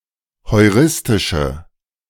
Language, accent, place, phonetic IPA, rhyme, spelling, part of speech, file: German, Germany, Berlin, [hɔɪ̯ˈʁɪstɪʃə], -ɪstɪʃə, heuristische, adjective, De-heuristische.ogg
- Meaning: inflection of heuristisch: 1. strong/mixed nominative/accusative feminine singular 2. strong nominative/accusative plural 3. weak nominative all-gender singular